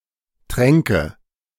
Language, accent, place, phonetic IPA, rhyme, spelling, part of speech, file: German, Germany, Berlin, [ˈtʁɛŋkə], -ɛŋkə, tränke, verb, De-tränke.ogg
- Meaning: first/third-person singular subjunctive II of trinken